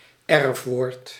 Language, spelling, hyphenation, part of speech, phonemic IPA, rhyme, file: Dutch, erfwoord, erf‧woord, noun, /ˈɛrf.ʋoːrt/, -ɛrfʋoːrt, Nl-erfwoord.ogg
- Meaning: inherited word (word inherited from an ancestor of the language)